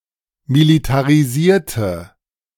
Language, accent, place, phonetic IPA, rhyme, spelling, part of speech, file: German, Germany, Berlin, [militaʁiˈziːɐ̯tə], -iːɐ̯tə, militarisierte, adjective / verb, De-militarisierte.ogg
- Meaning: inflection of militarisiert: 1. strong/mixed nominative/accusative feminine singular 2. strong nominative/accusative plural 3. weak nominative all-gender singular